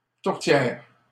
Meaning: 1. piedish 2. tourtière, a type of traditional French-Canadian meat pie. synonym of tourtière du Lac-St-Jean 3. meat pie
- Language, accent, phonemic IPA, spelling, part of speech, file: French, Canada, /tuʁ.tjɛʁ/, tourtière, noun, LL-Q150 (fra)-tourtière.wav